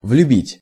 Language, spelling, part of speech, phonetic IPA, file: Russian, влюбить, verb, [vlʲʉˈbʲitʲ], Ru-влюбить.ogg
- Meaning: to cause (someone) to fall in love, to enamor